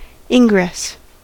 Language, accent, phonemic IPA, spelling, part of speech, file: English, US, /ˈɪŋɡɹɛs/, ingress, noun, En-us-ingress.ogg
- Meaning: 1. The act of entering 2. A permission to enter 3. A door or other means of entering 4. The entrance of the Moon into the shadow of the Earth in eclipses, or the Sun's entrance into a sign, etc